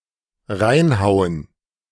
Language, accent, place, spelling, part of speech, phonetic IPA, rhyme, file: German, Germany, Berlin, reinhauen, verb, [ˈʁaɪ̯nˌhaʊ̯ən], -aɪ̯nhaʊ̯ən, De-reinhauen.ogg
- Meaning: 1. to beat up 2. to dig in (i.e. food)